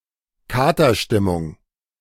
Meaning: 1. hangover 2. depression
- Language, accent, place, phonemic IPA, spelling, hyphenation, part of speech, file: German, Germany, Berlin, /ˈkaːtɐˌʃtɪmʊŋ/, Katerstimmung, Ka‧ter‧stim‧mung, noun, De-Katerstimmung.ogg